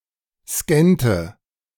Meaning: inflection of scannen: 1. first/third-person singular preterite 2. first/third-person singular subjunctive II
- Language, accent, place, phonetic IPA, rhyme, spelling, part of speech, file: German, Germany, Berlin, [ˈskɛntə], -ɛntə, scannte, verb, De-scannte.ogg